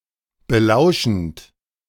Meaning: present participle of belauschen
- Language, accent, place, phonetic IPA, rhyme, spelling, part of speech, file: German, Germany, Berlin, [bəˈlaʊ̯ʃn̩t], -aʊ̯ʃn̩t, belauschend, verb, De-belauschend.ogg